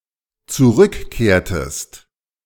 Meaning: inflection of zurückkehren: 1. second-person singular dependent preterite 2. second-person singular dependent subjunctive II
- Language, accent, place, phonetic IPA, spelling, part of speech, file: German, Germany, Berlin, [t͡suˈʁʏkˌkeːɐ̯təst], zurückkehrtest, verb, De-zurückkehrtest.ogg